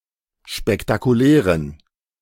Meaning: inflection of spektakulär: 1. strong genitive masculine/neuter singular 2. weak/mixed genitive/dative all-gender singular 3. strong/weak/mixed accusative masculine singular 4. strong dative plural
- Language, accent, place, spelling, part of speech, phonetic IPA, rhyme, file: German, Germany, Berlin, spektakulären, adjective, [ʃpɛktakuˈlɛːʁən], -ɛːʁən, De-spektakulären.ogg